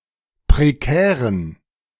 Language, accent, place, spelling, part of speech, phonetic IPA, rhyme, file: German, Germany, Berlin, prekären, adjective, [pʁeˈkɛːʁən], -ɛːʁən, De-prekären.ogg
- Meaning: inflection of prekär: 1. strong genitive masculine/neuter singular 2. weak/mixed genitive/dative all-gender singular 3. strong/weak/mixed accusative masculine singular 4. strong dative plural